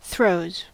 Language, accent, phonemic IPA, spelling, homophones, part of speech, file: English, General American, /θɹoʊz/, throes, throws, noun, En-us-throes.ogg
- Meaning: plural of throe